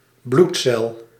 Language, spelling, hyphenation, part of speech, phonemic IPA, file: Dutch, bloedcel, bloed‧cel, noun, /ˈblut.sɛl/, Nl-bloedcel.ogg
- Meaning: blood cell